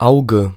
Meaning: 1. eye 2. germ, bud; eye (potato) 3. dot, pip, spot 4. drop or globule of grease or fat
- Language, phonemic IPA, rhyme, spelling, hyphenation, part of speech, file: German, /ˈaʊ̯ɡə/, -aʊ̯ɡə, Auge, Au‧ge, noun, De-Auge.ogg